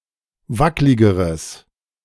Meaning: strong/mixed nominative/accusative neuter singular comparative degree of wacklig
- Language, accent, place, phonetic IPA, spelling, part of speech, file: German, Germany, Berlin, [ˈvaklɪɡəʁəs], wackligeres, adjective, De-wackligeres.ogg